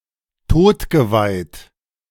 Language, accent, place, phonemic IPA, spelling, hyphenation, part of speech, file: German, Germany, Berlin, /ˈtoːtɡəˌvaɪ̯t/, todgeweiht, tod‧ge‧weiht, adjective, De-todgeweiht.ogg
- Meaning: 1. moribund 2. dying